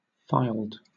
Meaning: simple past and past participle of file
- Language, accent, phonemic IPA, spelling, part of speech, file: English, Southern England, /faɪld/, filed, verb, LL-Q1860 (eng)-filed.wav